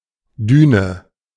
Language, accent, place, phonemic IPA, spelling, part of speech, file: German, Germany, Berlin, /ˈdyːnə/, Düne, noun / proper noun, De-Düne.ogg
- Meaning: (noun) dune; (proper noun) Düne (island near Heligoland in Schleswig-Holstein, Germany)